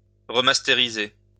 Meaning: to remaster
- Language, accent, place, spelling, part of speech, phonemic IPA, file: French, France, Lyon, remastériser, verb, /ʁe.mas.te.ʁi.ze/, LL-Q150 (fra)-remastériser.wav